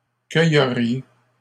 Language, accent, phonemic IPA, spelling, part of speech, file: French, Canada, /kœ.jə.ʁje/, cueilleriez, verb, LL-Q150 (fra)-cueilleriez.wav
- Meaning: second-person plural conditional of cueillir